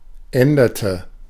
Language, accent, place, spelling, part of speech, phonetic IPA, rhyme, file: German, Germany, Berlin, änderte, verb, [ˈɛndɐtə], -ɛndɐtə, De-änderte.ogg
- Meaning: inflection of ändern: 1. first/third-person singular preterite 2. first/third-person singular subjunctive II